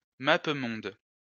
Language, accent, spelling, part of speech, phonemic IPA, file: French, France, mappemonde, noun, /ma.p(ə).mɔ̃d/, LL-Q150 (fra)-mappemonde.wav
- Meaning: a map of the world, showing the two hemispheres as separate circles